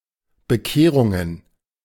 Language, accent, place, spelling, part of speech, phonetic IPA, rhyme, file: German, Germany, Berlin, Bekehrungen, noun, [bəˈkeːʁʊŋən], -eːʁʊŋən, De-Bekehrungen.ogg
- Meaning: plural of Bekehrung